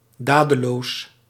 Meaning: inaction, idleness
- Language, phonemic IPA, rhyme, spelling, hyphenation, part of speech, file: Dutch, /ˈdaː.dəˌloːs/, -aːdəloːs, dadeloos, da‧de‧loos, adjective, Nl-dadeloos.ogg